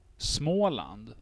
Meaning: Småland (a historical province in southeastern Sweden)
- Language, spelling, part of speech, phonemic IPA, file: Swedish, Småland, proper noun, /ˈsmoːˌland/, Sv-Småland.ogg